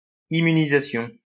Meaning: immunization
- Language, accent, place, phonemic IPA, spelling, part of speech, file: French, France, Lyon, /i.my.ni.za.sjɔ̃/, immunisation, noun, LL-Q150 (fra)-immunisation.wav